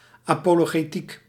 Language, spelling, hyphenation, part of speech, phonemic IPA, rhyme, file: Dutch, apologetiek, apo‧lo‧ge‧tiek, noun, /ˌaː.poː.loː.ɣeːˈtik/, -ik, Nl-apologetiek.ogg
- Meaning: apologetics